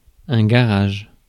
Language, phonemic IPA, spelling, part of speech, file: French, /ɡa.ʁaʒ/, garage, noun, Fr-garage.ogg
- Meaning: garage